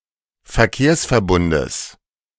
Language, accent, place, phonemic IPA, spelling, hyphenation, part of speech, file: German, Germany, Berlin, /fɛɐ̯ˈkeːɐ̯s.fɛɐ̯ˌbʊndəs/, Verkehrsverbundes, Ver‧kehrs‧ver‧bun‧des, noun, De-Verkehrsverbundes.ogg
- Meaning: genitive singular of Verkehrsverbund